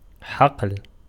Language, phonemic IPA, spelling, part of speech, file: Arabic, /ħaql/, حقل, noun / verb, Ar-حقل.ogg
- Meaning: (noun) field (distinguished by there being harvests, no matter if crops or raw materials); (verb) 1. to plant 2. to get affected with huqal (a livestock disease)